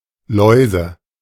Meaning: nominative/accusative/genitive plural of Laus
- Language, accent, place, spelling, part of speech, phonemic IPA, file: German, Germany, Berlin, Läuse, noun, /ˈlɔɪ̯zə/, De-Läuse.ogg